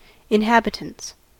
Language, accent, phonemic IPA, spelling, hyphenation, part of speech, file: English, US, /ɪnˈhæbɪtənts/, inhabitants, in‧hab‧i‧tants, noun, En-us-inhabitants.ogg
- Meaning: plural of inhabitant